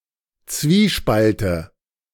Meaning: nominative/accusative/genitive plural of Zwiespalt
- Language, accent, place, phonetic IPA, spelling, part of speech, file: German, Germany, Berlin, [ˈt͡sviːˌʃpaltə], Zwiespalte, noun, De-Zwiespalte.ogg